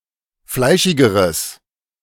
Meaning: strong/mixed nominative/accusative neuter singular comparative degree of fleischig
- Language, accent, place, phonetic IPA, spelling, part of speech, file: German, Germany, Berlin, [ˈflaɪ̯ʃɪɡəʁəs], fleischigeres, adjective, De-fleischigeres.ogg